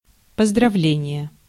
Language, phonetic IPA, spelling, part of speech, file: Russian, [pəzdrɐˈvlʲenʲɪje], поздравление, noun, Ru-поздравление.ogg
- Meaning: congratulation